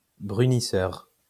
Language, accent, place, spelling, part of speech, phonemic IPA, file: French, France, Lyon, brunisseur, noun, /bʁy.ni.sœʁ/, LL-Q150 (fra)-brunisseur.wav
- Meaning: burnisher